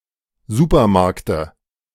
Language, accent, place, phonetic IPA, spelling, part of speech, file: German, Germany, Berlin, [ˈzuːpɐˌmaʁktə], Supermarkte, noun, De-Supermarkte.ogg
- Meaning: dative of Supermarkt